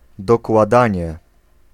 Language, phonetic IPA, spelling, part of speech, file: Polish, [ˌdɔkwaˈdãɲɛ], dokładanie, noun, Pl-dokładanie.ogg